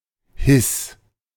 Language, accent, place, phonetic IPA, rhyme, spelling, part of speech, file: German, Germany, Berlin, [hɪs], -ɪs, His, noun, De-His.ogg
- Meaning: B-sharp